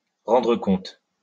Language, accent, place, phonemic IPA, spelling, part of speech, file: French, France, Lyon, /ʁɑ̃.dʁə kɔ̃t/, rendre compte, verb, LL-Q150 (fra)-rendre compte.wav
- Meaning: 1. to account for, to explain 2. to realize, to notice, to become aware (of)